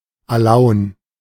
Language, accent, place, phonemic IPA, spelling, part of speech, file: German, Germany, Berlin, /aˈlaʊ̯n/, Alaun, noun, De-Alaun.ogg
- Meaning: alum